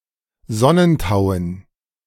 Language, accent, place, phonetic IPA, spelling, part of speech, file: German, Germany, Berlin, [ˈzɔnənˌtaʊ̯ən], Sonnentauen, noun, De-Sonnentauen.ogg
- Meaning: dative plural of Sonnentau